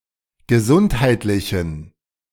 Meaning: inflection of gesundheitlich: 1. strong genitive masculine/neuter singular 2. weak/mixed genitive/dative all-gender singular 3. strong/weak/mixed accusative masculine singular 4. strong dative plural
- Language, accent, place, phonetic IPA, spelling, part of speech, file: German, Germany, Berlin, [ɡəˈzʊnthaɪ̯tlɪçn̩], gesundheitlichen, adjective, De-gesundheitlichen.ogg